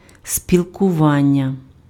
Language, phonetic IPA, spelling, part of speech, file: Ukrainian, [sʲpʲiɫkʊˈʋanʲːɐ], спілкування, noun, Uk-спілкування.ogg
- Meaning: association, communication, relations, dealings, (dated) intercourse (mutual connection with another/others)